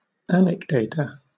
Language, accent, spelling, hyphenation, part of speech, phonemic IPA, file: English, Southern England, anecdata, an‧ec‧da‧ta, noun, /ˈænɪkdeɪtə/, LL-Q1860 (eng)-anecdata.wav
- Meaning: Anecdotal evidence